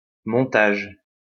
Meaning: 1. assembly, set-up 2. editing
- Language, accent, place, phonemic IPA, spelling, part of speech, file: French, France, Lyon, /mɔ̃.taʒ/, montage, noun, LL-Q150 (fra)-montage.wav